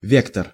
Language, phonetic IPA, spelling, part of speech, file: Russian, [ˈvʲektər], вектор, noun, Ru-вектор.ogg
- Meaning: 1. vector (a directed quantity) 2. vector (a DNA molecule)